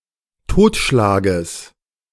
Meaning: genitive of Totschlag
- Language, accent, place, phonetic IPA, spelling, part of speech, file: German, Germany, Berlin, [ˈtoːtʃlaːɡəs], Totschlages, noun, De-Totschlages.ogg